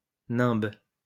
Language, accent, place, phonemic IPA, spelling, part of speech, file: French, France, Lyon, /nɛ̃b/, nimbe, noun, LL-Q150 (fra)-nimbe.wav
- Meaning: halo; nimbus